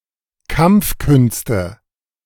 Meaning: nominative/accusative/genitive plural of Kampfkunst
- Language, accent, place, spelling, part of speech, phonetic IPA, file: German, Germany, Berlin, Kampfkünste, noun, [ˈkamp͡fˌkʏnstə], De-Kampfkünste.ogg